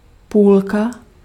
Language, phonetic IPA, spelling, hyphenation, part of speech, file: Czech, [ˈpuːlka], půlka, půl‧ka, noun, Cs-půlka.ogg
- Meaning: 1. half (one of two equal parts of something) 2. cheek (buttock)